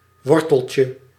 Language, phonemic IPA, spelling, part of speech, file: Dutch, /ˈwɔrtəlcə/, worteltje, noun, Nl-worteltje.ogg
- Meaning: diminutive of wortel